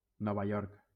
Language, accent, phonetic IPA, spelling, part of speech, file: Catalan, Valencia, [ˈnɔ.va ˈjɔɾk], Nova York, proper noun, LL-Q7026 (cat)-Nova York.wav